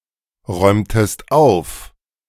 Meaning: inflection of aufräumen: 1. second-person singular preterite 2. second-person singular subjunctive II
- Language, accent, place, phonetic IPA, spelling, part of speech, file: German, Germany, Berlin, [ˌʁɔɪ̯mtəst ˈaʊ̯f], räumtest auf, verb, De-räumtest auf.ogg